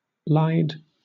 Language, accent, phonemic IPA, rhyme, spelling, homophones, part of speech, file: English, Southern England, /laɪd/, -aɪd, lied, lyed, verb, LL-Q1860 (eng)-lied.wav
- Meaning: simple past and past participle of lie (in the sense "to give false information intentionally")